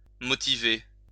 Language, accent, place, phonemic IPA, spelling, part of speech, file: French, France, Lyon, /mɔ.ti.ve/, motiver, verb, LL-Q150 (fra)-motiver.wav
- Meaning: 1. to motivate 2. to justify